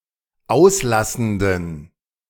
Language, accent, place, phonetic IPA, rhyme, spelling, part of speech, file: German, Germany, Berlin, [ˈaʊ̯sˌlasn̩dən], -aʊ̯slasn̩dən, auslassenden, adjective, De-auslassenden.ogg
- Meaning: inflection of auslassend: 1. strong genitive masculine/neuter singular 2. weak/mixed genitive/dative all-gender singular 3. strong/weak/mixed accusative masculine singular 4. strong dative plural